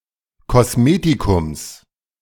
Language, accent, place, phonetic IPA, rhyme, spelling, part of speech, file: German, Germany, Berlin, [kɔsˈmeːtikʊms], -eːtikʊms, Kosmetikums, noun, De-Kosmetikums.ogg
- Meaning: genitive singular of Kosmetikum